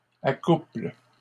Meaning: third-person plural present indicative/subjunctive of accoupler
- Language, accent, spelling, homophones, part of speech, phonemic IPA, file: French, Canada, accouplent, accouple / accouples, verb, /a.kupl/, LL-Q150 (fra)-accouplent.wav